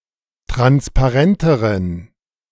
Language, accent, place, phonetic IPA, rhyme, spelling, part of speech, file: German, Germany, Berlin, [ˌtʁanspaˈʁɛntəʁən], -ɛntəʁən, transparenteren, adjective, De-transparenteren.ogg
- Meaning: inflection of transparent: 1. strong genitive masculine/neuter singular comparative degree 2. weak/mixed genitive/dative all-gender singular comparative degree